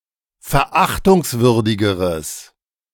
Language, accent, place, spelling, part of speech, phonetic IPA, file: German, Germany, Berlin, verachtungswürdigeres, adjective, [fɛɐ̯ˈʔaxtʊŋsˌvʏʁdɪɡəʁəs], De-verachtungswürdigeres.ogg
- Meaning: strong/mixed nominative/accusative neuter singular comparative degree of verachtungswürdig